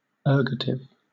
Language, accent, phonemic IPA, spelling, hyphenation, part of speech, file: English, Southern England, /ˈɜːɡətɪv/, ergative, er‧gat‧ive, adjective / noun, LL-Q1860 (eng)-ergative.wav
- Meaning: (adjective) With the subject of a transitive construction having grammatical cases or thematic relations different from those of an intransitive construction